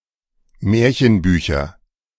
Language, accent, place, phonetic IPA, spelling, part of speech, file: German, Germany, Berlin, [ˈmɛːɐ̯çənˌbyːçɐ], Märchenbücher, noun, De-Märchenbücher.ogg
- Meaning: nominative/accusative/genitive plural of Märchenbuch